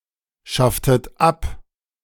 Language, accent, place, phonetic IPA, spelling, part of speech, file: German, Germany, Berlin, [ˌʃaftət ˈap], schafftet ab, verb, De-schafftet ab.ogg
- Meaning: inflection of abschaffen: 1. second-person plural preterite 2. second-person plural subjunctive II